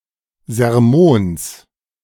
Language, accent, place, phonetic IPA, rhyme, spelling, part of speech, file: German, Germany, Berlin, [zɛʁˈmoːns], -oːns, Sermons, noun, De-Sermons.ogg
- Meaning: genitive of Sermon